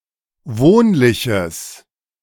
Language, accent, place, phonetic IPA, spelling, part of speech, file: German, Germany, Berlin, [ˈvoːnlɪçəs], wohnliches, adjective, De-wohnliches.ogg
- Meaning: strong/mixed nominative/accusative neuter singular of wohnlich